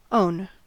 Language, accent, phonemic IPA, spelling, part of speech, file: English, General American, /oʊn/, own, adjective / verb / noun, En-us-own.ogg